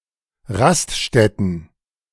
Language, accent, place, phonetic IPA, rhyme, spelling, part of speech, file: German, Germany, Berlin, [ˈʁastˌʃtɛtn̩], -astʃtɛtn̩, Raststätten, noun, De-Raststätten.ogg
- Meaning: plural of Raststätte